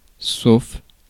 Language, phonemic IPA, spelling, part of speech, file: French, /sof/, sauf, adjective / preposition, Fr-sauf.ogg
- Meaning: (adjective) safe (free from harm); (preposition) 1. except, save 2. excluding, barring